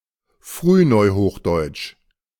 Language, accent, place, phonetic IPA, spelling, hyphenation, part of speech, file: German, Germany, Berlin, [fʁyːˈnɔɪ̯hoːxˌdɔɪ̯t͡ʃ], Frühneuhochdeutsch, Früh‧neu‧hoch‧deutsch, proper noun, De-Frühneuhochdeutsch.ogg
- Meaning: Early New High German (the period 1350 to 1650)